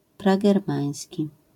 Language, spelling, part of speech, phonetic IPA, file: Polish, pragermański, adjective, [ˌpraɡɛrˈmãj̃sʲci], LL-Q809 (pol)-pragermański.wav